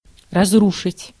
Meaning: 1. to destroy, to demolish, to wreck 2. to ruin 3. to frustrate, to blast, to blight, to wreck
- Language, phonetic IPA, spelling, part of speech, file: Russian, [rɐzˈruʂɨtʲ], разрушить, verb, Ru-разрушить.ogg